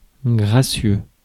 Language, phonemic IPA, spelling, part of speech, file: French, /ɡʁa.sjø/, gracieux, adjective, Fr-gracieux.ogg
- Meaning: graceful, gracious